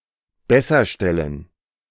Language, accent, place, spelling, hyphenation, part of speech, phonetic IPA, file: German, Germany, Berlin, besserstellen, bes‧ser‧stel‧len, verb, [ˈbɛsɐˌʃtɛlən], De-besserstellen.ogg
- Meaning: to make (sombody) better off